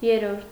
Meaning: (numeral) third; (noun) the third part; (adverb) thirdly
- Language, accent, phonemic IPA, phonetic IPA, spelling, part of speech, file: Armenian, Eastern Armenian, /jeɾˈɾoɾtʰ/, [jeɹːóɾtʰ], երրորդ, numeral / noun / adverb, Hy-երրորդ.ogg